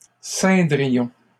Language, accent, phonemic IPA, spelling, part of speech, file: French, Canada, /sɛ̃.dʁi.jɔ̃/, ceindrions, verb, LL-Q150 (fra)-ceindrions.wav
- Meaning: first-person plural conditional of ceindre